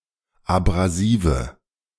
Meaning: inflection of abrasiv: 1. strong/mixed nominative/accusative feminine singular 2. strong nominative/accusative plural 3. weak nominative all-gender singular 4. weak accusative feminine/neuter singular
- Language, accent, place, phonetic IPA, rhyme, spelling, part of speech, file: German, Germany, Berlin, [abʁaˈziːvə], -iːvə, abrasive, adjective, De-abrasive.ogg